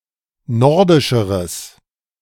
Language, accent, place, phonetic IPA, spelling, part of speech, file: German, Germany, Berlin, [ˈnɔʁdɪʃəʁəs], nordischeres, adjective, De-nordischeres.ogg
- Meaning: strong/mixed nominative/accusative neuter singular comparative degree of nordisch